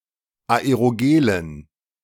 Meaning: dative plural of Aerogel
- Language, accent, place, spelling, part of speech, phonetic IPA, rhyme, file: German, Germany, Berlin, Aerogelen, noun, [aeʁoˈɡeːlən], -eːlən, De-Aerogelen.ogg